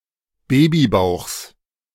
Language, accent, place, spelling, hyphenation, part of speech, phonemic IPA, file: German, Germany, Berlin, Babybauchs, Ba‧by‧bauchs, noun, /ˈbeːbiˌbaʊ̯xs/, De-Babybauchs.ogg
- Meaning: genitive singular of Babybauch